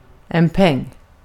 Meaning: 1. a coin 2. money
- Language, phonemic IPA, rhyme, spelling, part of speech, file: Swedish, /ˈpɛŋː/, -ɛŋː, peng, noun, Sv-peng.ogg